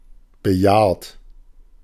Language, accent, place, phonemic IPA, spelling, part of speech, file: German, Germany, Berlin, /bəˈjaːrt/, bejahrt, adjective, De-bejahrt.ogg
- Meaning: old, elderly